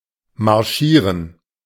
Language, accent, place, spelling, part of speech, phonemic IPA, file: German, Germany, Berlin, marschieren, verb, /maʁˈʃiːʁən/, De-marschieren.ogg
- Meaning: 1. to march (to walk with others in a column, in step) 2. to march (to walk taking long, regular strides)